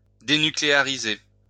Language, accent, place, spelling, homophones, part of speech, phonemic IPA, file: French, France, Lyon, dénucléariser, dénucléarisai / dénucléarisé / dénucléarisée / dénucléarisées / dénucléarisés / dénucléarisez, verb, /de.ny.kle.a.ʁi.ze/, LL-Q150 (fra)-dénucléariser.wav
- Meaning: to denuclearize (make nuclear-free)